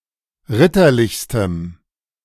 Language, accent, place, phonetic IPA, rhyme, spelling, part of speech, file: German, Germany, Berlin, [ˈʁɪtɐˌlɪçstəm], -ɪtɐlɪçstəm, ritterlichstem, adjective, De-ritterlichstem.ogg
- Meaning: strong dative masculine/neuter singular superlative degree of ritterlich